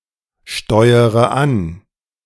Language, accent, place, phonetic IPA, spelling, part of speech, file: German, Germany, Berlin, [ˌʃtɔɪ̯əʁə ˈan], steuere an, verb, De-steuere an.ogg
- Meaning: inflection of ansteuern: 1. first-person singular present 2. first-person plural subjunctive I 3. third-person singular subjunctive I 4. singular imperative